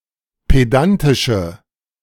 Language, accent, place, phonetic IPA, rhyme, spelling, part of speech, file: German, Germany, Berlin, [ˌpeˈdantɪʃə], -antɪʃə, pedantische, adjective, De-pedantische.ogg
- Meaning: inflection of pedantisch: 1. strong/mixed nominative/accusative feminine singular 2. strong nominative/accusative plural 3. weak nominative all-gender singular